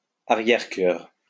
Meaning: a choir placed behind the altar in a church
- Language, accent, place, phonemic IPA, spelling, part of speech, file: French, France, Lyon, /a.ʁjɛʁ.kœʁ/, arrière-chœur, noun, LL-Q150 (fra)-arrière-chœur.wav